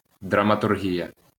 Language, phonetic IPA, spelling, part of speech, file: Ukrainian, [drɐmɐtʊrˈɦʲijɐ], драматургія, noun, LL-Q8798 (ukr)-драматургія.wav
- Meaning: dramaturgy